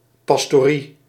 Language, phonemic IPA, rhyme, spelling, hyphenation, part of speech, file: Dutch, /ˌpɑs.toːˈri/, -i, pastorie, pas‧to‧rie, noun, Nl-pastorie.ogg
- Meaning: parish house, parsonage, rectory, manse